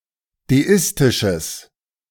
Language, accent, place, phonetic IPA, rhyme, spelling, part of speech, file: German, Germany, Berlin, [deˈɪstɪʃəs], -ɪstɪʃəs, deistisches, adjective, De-deistisches.ogg
- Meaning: strong/mixed nominative/accusative neuter singular of deistisch